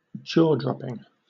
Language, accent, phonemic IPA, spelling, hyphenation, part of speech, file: English, Southern England, /ˈd͡ʒɔː ˌdɹɒpɪŋ/, jaw-dropping, jaw-drop‧ping, adjective, LL-Q1860 (eng)-jaw-dropping.wav
- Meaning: Causing great awe or surprise